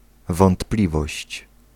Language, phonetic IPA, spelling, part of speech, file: Polish, [vɔ̃ntˈplʲivɔɕt͡ɕ], wątpliwość, noun, Pl-wątpliwość.ogg